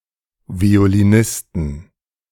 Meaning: plural of Violinist
- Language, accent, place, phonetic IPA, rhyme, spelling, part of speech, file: German, Germany, Berlin, [vi̯oliˈnɪstn̩], -ɪstn̩, Violinisten, noun, De-Violinisten.ogg